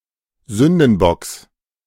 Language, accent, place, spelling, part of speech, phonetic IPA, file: German, Germany, Berlin, Sündenbocks, noun, [ˈzʏndn̩ˌbɔks], De-Sündenbocks.ogg
- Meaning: genitive singular of Sündenbock